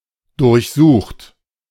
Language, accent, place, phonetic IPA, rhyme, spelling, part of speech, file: German, Germany, Berlin, [dʊʁçˈzuːxt], -uːxt, durchsucht, verb, De-durchsucht.ogg
- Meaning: 1. past participle of durchsuchen 2. inflection of durchsuchen: third-person singular present 3. inflection of durchsuchen: second-person plural present 4. inflection of durchsuchen: plural imperative